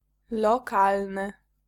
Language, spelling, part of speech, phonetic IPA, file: Polish, lokalny, adjective, [lɔˈkalnɨ], Pl-lokalny.ogg